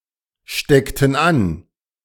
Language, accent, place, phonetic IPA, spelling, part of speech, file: German, Germany, Berlin, [ˌʃtɛktn̩ ˈan], steckten an, verb, De-steckten an.ogg
- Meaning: inflection of anstecken: 1. first/third-person plural preterite 2. first/third-person plural subjunctive II